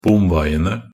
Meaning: definite plural of bomvei
- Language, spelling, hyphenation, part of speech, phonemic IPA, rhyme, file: Norwegian Bokmål, bomveiene, bom‧vei‧en‧e, noun, /ˈbʊmʋɛɪənə/, -ənə, Nb-bomveiene.ogg